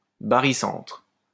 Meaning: barycenter
- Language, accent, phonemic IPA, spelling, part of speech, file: French, France, /ba.ʁi.sɑ̃tʁ/, barycentre, noun, LL-Q150 (fra)-barycentre.wav